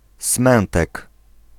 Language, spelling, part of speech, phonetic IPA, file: Polish, Smętek, proper noun, [ˈsmɛ̃ntɛk], Pl-Smętek.ogg